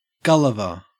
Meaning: one's head
- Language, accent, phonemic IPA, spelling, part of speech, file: English, Australia, /ˈɡʌlɪvə(ɹ)/, gulliver, noun, En-au-gulliver.ogg